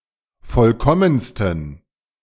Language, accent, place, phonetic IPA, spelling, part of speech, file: German, Germany, Berlin, [ˈfɔlkɔmənstn̩], vollkommensten, adjective, De-vollkommensten.ogg
- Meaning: 1. superlative degree of vollkommen 2. inflection of vollkommen: strong genitive masculine/neuter singular superlative degree